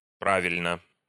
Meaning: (adverb) correctly; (adjective) short neuter singular of пра́вильный (právilʹnyj)
- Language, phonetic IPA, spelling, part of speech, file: Russian, [ˈpravʲɪlʲnə], правильно, adverb / adjective, Ru-правильно.ogg